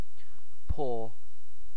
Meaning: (noun) 1. The soft foot of a mammal or other animal, generally a quadruped, that has claws or nails; comparable to a human hand or foot 2. A hand
- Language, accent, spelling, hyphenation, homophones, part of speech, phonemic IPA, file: English, UK, paw, paw, pore, noun / verb, /pɔː(ɹ)/, En-uk-paw.ogg